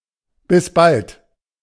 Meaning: see you soon
- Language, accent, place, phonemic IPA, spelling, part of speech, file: German, Germany, Berlin, /bɪs balt/, bis bald, interjection, De-bis bald.ogg